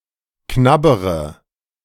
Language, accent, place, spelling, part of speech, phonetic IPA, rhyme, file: German, Germany, Berlin, knabbere, verb, [ˈknabəʁə], -abəʁə, De-knabbere.ogg
- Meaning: inflection of knabbern: 1. first-person singular present 2. first/third-person singular subjunctive I 3. singular imperative